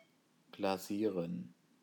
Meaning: to glaze
- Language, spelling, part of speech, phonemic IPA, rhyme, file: German, glasieren, verb, /ɡlaˈziːʁən/, -iːʁən, De-glasieren.ogg